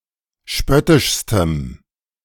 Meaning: strong dative masculine/neuter singular superlative degree of spöttisch
- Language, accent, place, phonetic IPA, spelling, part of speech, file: German, Germany, Berlin, [ˈʃpœtɪʃstəm], spöttischstem, adjective, De-spöttischstem.ogg